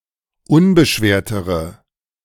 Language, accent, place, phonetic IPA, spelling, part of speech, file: German, Germany, Berlin, [ˈʊnbəˌʃveːɐ̯təʁə], unbeschwertere, adjective, De-unbeschwertere.ogg
- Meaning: inflection of unbeschwert: 1. strong/mixed nominative/accusative feminine singular comparative degree 2. strong nominative/accusative plural comparative degree